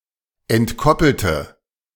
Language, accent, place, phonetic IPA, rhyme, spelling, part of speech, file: German, Germany, Berlin, [ɛntˈkɔpl̩tə], -ɔpl̩tə, entkoppelte, adjective / verb, De-entkoppelte.ogg
- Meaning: inflection of entkoppelt: 1. strong/mixed nominative/accusative feminine singular 2. strong nominative/accusative plural 3. weak nominative all-gender singular